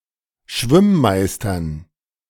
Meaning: genitive singular of Schwimmmeister
- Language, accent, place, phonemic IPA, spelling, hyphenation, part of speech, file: German, Germany, Berlin, /ˈʃvɪmˌmaɪ̯stɐn/, Schwimmmeistern, Schwimm‧meis‧tern, noun, De-Schwimmmeistern.ogg